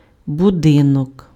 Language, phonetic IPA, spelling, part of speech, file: Ukrainian, [bʊˈdɪnɔk], будинок, noun, Uk-будинок.ogg
- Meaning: 1. house 2. building